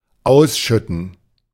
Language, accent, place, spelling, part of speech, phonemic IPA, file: German, Germany, Berlin, ausschütten, verb, /ˈaʊ̯sˌʃʏtn̩/, De-ausschütten.ogg
- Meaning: to pour out; to spill